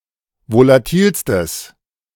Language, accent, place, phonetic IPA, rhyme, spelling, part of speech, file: German, Germany, Berlin, [volaˈtiːlstəs], -iːlstəs, volatilstes, adjective, De-volatilstes.ogg
- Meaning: strong/mixed nominative/accusative neuter singular superlative degree of volatil